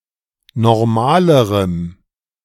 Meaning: strong dative masculine/neuter singular comparative degree of normal
- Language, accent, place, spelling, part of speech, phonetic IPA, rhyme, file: German, Germany, Berlin, normalerem, adjective, [nɔʁˈmaːləʁəm], -aːləʁəm, De-normalerem.ogg